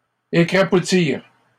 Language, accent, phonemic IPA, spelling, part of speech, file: French, Canada, /e.kʁa.pu.tiʁ/, écrapoutir, verb, LL-Q150 (fra)-écrapoutir.wav
- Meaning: to squash, to crush